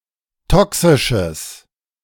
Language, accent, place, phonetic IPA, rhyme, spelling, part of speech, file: German, Germany, Berlin, [ˈtɔksɪʃəs], -ɔksɪʃəs, toxisches, adjective, De-toxisches.ogg
- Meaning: strong/mixed nominative/accusative neuter singular of toxisch